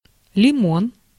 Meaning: 1. lemon (citrus fruit) 2. lemon tree, wood 3. million
- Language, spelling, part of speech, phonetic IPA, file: Russian, лимон, noun, [lʲɪˈmon], Ru-лимон.ogg